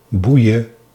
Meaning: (verb) singular present subjunctive of boeien; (interjection) Slang spelling of boeien
- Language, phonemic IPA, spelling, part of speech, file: Dutch, /ˈbui̯ə/, boeie, verb / interjection, Nl-boeie.ogg